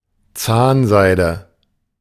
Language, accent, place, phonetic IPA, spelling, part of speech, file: German, Germany, Berlin, [ˈt͡saːnˌzaɪ̯də], Zahnseide, noun, De-Zahnseide.ogg
- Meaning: dental floss